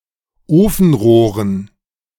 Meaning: dative plural of Ofenrohr
- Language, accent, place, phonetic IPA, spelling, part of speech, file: German, Germany, Berlin, [ˈoːfn̩ˌʁoːʁən], Ofenrohren, noun, De-Ofenrohren.ogg